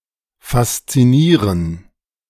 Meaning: to fascinate
- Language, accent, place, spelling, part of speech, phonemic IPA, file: German, Germany, Berlin, faszinieren, verb, /fastsiˈniːrən/, De-faszinieren.ogg